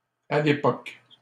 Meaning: at the time, back then
- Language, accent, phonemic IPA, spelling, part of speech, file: French, Canada, /a l‿e.pɔk/, à l'époque, adverb, LL-Q150 (fra)-à l'époque.wav